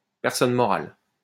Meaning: legal person
- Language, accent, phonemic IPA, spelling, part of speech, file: French, France, /pɛʁ.sɔn mɔ.ʁal/, personne morale, noun, LL-Q150 (fra)-personne morale.wav